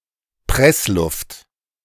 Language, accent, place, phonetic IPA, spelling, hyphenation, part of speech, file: German, Germany, Berlin, [ˈpʁɛsˌlʊft], Pressluft, Press‧luft, noun, De-Pressluft.ogg
- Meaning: compressed air